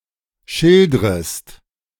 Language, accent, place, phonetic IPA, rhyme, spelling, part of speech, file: German, Germany, Berlin, [ˈʃɪldʁəst], -ɪldʁəst, schildrest, verb, De-schildrest.ogg
- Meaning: second-person singular subjunctive I of schildern